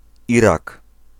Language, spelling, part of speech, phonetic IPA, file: Polish, Irak, proper noun, [ˈirak], Pl-Irak.ogg